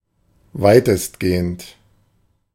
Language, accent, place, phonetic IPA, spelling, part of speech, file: German, Germany, Berlin, [ˈvaɪ̯təstˌɡeːənt], weitestgehend, adjective, De-weitestgehend.ogg
- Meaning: 1. superlative degree of weitgehend 2. mostly, as much as possible, to the greatest extent